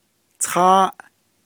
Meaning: three
- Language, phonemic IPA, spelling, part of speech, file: Navajo, /tʰɑ́ːʔ/, tááʼ, numeral, Nv-tááʼ.ogg